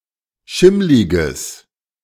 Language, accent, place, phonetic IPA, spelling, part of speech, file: German, Germany, Berlin, [ˈʃɪmlɪɡəs], schimmliges, adjective, De-schimmliges.ogg
- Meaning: strong/mixed nominative/accusative neuter singular of schimmlig